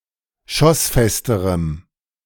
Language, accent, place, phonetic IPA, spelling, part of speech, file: German, Germany, Berlin, [ˈʃɔsˌfɛstəʁəm], schossfesterem, adjective, De-schossfesterem.ogg
- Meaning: strong dative masculine/neuter singular comparative degree of schossfest